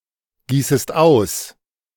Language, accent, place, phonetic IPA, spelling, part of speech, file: German, Germany, Berlin, [ˌɡiːsəst ˈaʊ̯s], gießest aus, verb, De-gießest aus.ogg
- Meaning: second-person singular subjunctive I of ausgießen